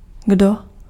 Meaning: who
- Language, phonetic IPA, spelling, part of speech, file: Czech, [ˈɡdo], kdo, pronoun, Cs-kdo.ogg